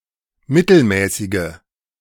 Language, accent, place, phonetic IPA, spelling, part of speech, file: German, Germany, Berlin, [ˈmɪtl̩ˌmɛːsɪɡə], mittelmäßige, adjective, De-mittelmäßige.ogg
- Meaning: inflection of mittelmäßig: 1. strong/mixed nominative/accusative feminine singular 2. strong nominative/accusative plural 3. weak nominative all-gender singular